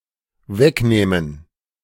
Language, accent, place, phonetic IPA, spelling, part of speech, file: German, Germany, Berlin, [ˈvɛkˌnɛːmən], wegnähmen, verb, De-wegnähmen.ogg
- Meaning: first/third-person plural dependent subjunctive II of wegnehmen